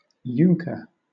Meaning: A young German noble or squire, especially a member of the aristocratic party in Prussia, stereotyped with narrow-minded militaristic and authoritarian attitudes
- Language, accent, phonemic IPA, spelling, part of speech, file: English, Southern England, /ˈjʊŋkə(ɹ)/, junker, noun, LL-Q1860 (eng)-junker.wav